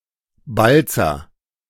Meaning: a surname
- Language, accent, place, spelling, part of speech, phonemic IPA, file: German, Germany, Berlin, Balzer, proper noun, /ˈbalt͡sɐ/, De-Balzer.ogg